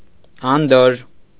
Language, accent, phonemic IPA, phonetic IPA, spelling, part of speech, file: Armenian, Eastern Armenian, /ɑnˈdoɾɾ/, [ɑndóɹː], անդորր, noun / adjective, Hy-անդորր.ogg
- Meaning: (noun) quiet, serenity, peace, calm; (adjective) quiet, serene, peaceful, calm